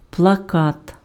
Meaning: 1. poster 2. propaganda printed on a paper, fabric
- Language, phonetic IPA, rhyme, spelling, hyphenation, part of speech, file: Ukrainian, [pɫɐˈkat], -at, плакат, пла‧кат, noun, Uk-плакат.ogg